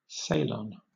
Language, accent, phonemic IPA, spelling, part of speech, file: English, Southern England, /sɪˈlɒn/, Ceylon, proper noun / noun, LL-Q1860 (eng)-Ceylon.wav
- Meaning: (proper noun) 1. Former name of Sri Lanka: an island country in South Asia . 2. A male given name transferred from the place name